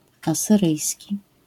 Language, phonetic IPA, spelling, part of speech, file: Polish, [ˌasɨˈrɨjsʲci], asyryjski, adjective / noun, LL-Q809 (pol)-asyryjski.wav